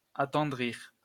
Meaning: 1. to make softer or more tender; to soften 2. to soften (up) 3. to soften up (become softer)
- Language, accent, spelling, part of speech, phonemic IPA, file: French, France, attendrir, verb, /a.tɑ̃.dʁiʁ/, LL-Q150 (fra)-attendrir.wav